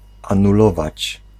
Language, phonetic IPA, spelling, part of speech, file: Polish, [ˌãnuˈlɔvat͡ɕ], anulować, verb, Pl-anulować.ogg